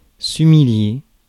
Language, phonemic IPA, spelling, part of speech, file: French, /y.mi.lje/, humilier, verb, Fr-humilier.ogg
- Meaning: to humiliate